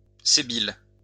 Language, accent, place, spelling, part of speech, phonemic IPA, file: French, France, Lyon, sébile, noun, /se.bil/, LL-Q150 (fra)-sébile.wav
- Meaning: begging bowl